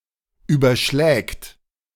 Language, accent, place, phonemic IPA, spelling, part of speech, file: German, Germany, Berlin, /ˌyːbɐˈʃlɛːkt/, überschlägt, verb, De-überschlägt.ogg
- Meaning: third-person singular present of überschlagen